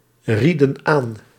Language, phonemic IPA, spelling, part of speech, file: Dutch, /ˈradə(n) ˈan/, rieden aan, verb, Nl-rieden aan.ogg
- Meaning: inflection of aanraden: 1. plural past indicative 2. plural past subjunctive